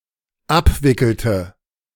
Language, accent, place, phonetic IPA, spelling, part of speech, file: German, Germany, Berlin, [ˈapˌvɪkl̩tə], abwickelte, verb, De-abwickelte.ogg
- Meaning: inflection of abwickeln: 1. first/third-person singular dependent preterite 2. first/third-person singular dependent subjunctive II